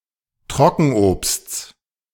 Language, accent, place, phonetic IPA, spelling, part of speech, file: German, Germany, Berlin, [ˈtʁɔkn̩ʔoːpst͡s], Trockenobsts, noun, De-Trockenobsts.ogg
- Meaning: genitive singular of Trockenobst